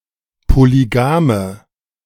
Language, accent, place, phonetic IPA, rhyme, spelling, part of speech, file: German, Germany, Berlin, [poliˈɡaːmə], -aːmə, polygame, adjective, De-polygame.ogg
- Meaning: inflection of polygam: 1. strong/mixed nominative/accusative feminine singular 2. strong nominative/accusative plural 3. weak nominative all-gender singular 4. weak accusative feminine/neuter singular